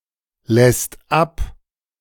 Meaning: second/third-person singular present of ablassen
- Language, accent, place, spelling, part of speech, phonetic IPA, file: German, Germany, Berlin, lässt ab, verb, [ˌlɛst ˈap], De-lässt ab.ogg